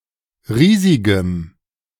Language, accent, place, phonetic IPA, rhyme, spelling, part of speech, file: German, Germany, Berlin, [ˈʁiːzɪɡəm], -iːzɪɡəm, riesigem, adjective, De-riesigem.ogg
- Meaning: strong dative masculine/neuter singular of riesig